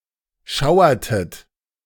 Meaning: inflection of schauern: 1. second-person plural preterite 2. second-person plural subjunctive II
- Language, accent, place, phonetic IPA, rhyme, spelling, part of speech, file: German, Germany, Berlin, [ˈʃaʊ̯ɐtət], -aʊ̯ɐtət, schauertet, verb, De-schauertet.ogg